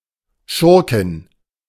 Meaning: female equivalent of Schurke (“villain”)
- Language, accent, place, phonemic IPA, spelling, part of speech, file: German, Germany, Berlin, /ˈʃʊʁkɪn/, Schurkin, noun, De-Schurkin.ogg